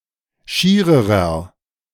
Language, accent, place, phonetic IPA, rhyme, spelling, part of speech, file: German, Germany, Berlin, [ˈʃiːʁəʁɐ], -iːʁəʁɐ, schiererer, adjective, De-schiererer.ogg
- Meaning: inflection of schier: 1. strong/mixed nominative masculine singular comparative degree 2. strong genitive/dative feminine singular comparative degree 3. strong genitive plural comparative degree